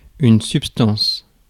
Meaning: substance
- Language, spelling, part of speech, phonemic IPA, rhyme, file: French, substance, noun, /syp.stɑ̃s/, -ɑ̃s, Fr-substance.ogg